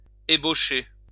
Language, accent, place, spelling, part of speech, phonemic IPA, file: French, France, Lyon, ébaucher, verb, /e.bo.ʃe/, LL-Q150 (fra)-ébaucher.wav
- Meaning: 1. to sketch, rough out (a plan, picture); to draft (a piece of writing) 2. to start up (a conversation, friendship etc.) 3. to form, take shape 4. to open up, start up